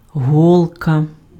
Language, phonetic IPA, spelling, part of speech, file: Ukrainian, [ˈɦɔɫkɐ], голка, noun, Uk-голка.ogg
- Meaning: needle